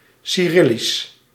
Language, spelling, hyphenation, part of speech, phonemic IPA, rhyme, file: Dutch, cyrillisch, cy‧ril‧lisch, adjective / proper noun, /siˈrɪ.lis/, -ɪlis, Nl-cyrillisch.ogg
- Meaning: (adjective) Cyrillic; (proper noun) the Cyrillic script